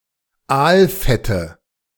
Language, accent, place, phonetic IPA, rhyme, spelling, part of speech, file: German, Germany, Berlin, [ˈaːlˌfɛtə], -aːlfɛtə, Aalfette, noun, De-Aalfette.ogg
- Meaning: nominative/accusative/genitive plural of Aalfett